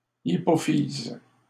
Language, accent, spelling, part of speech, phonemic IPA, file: French, Canada, hypophyse, noun, /i.pɔ.fiz/, LL-Q150 (fra)-hypophyse.wav
- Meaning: pituitary gland, hypophysis